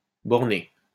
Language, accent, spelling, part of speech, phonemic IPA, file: French, France, borner, verb, /bɔʁ.ne/, LL-Q150 (fra)-borner.wav
- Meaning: 1. to limit, confine 2. to confine oneself (à faire to doing something) 3. to content oneself